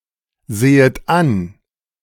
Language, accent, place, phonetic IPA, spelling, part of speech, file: German, Germany, Berlin, [ˌzeːət ˈan], sehet an, verb, De-sehet an.ogg
- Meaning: second-person plural subjunctive I of ansehen